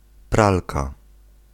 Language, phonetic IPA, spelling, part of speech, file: Polish, [ˈpralka], pralka, noun, Pl-pralka.ogg